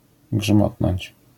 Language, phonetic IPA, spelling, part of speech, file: Polish, [ˈɡʒmɔtnɔ̃ɲt͡ɕ], grzmotnąć, verb, LL-Q809 (pol)-grzmotnąć.wav